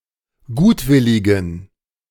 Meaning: inflection of gutwillig: 1. strong genitive masculine/neuter singular 2. weak/mixed genitive/dative all-gender singular 3. strong/weak/mixed accusative masculine singular 4. strong dative plural
- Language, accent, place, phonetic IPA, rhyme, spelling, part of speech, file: German, Germany, Berlin, [ˈɡuːtˌvɪlɪɡn̩], -uːtvɪlɪɡn̩, gutwilligen, adjective, De-gutwilligen.ogg